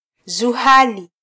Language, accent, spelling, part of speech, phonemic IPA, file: Swahili, Kenya, Zuhali, proper noun, /zuˈhɑ.li/, Sw-ke-Zuhali.flac
- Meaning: alternative form of Zohali